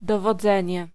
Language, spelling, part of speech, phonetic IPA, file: Polish, dowodzenie, noun, [ˌdɔvɔˈd͡zɛ̃ɲɛ], Pl-dowodzenie.ogg